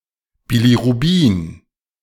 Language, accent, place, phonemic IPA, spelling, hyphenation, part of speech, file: German, Germany, Berlin, /biliʁuˈbiːn/, Bilirubin, Bi‧li‧ru‧bin, noun, De-Bilirubin.ogg
- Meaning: bilirubin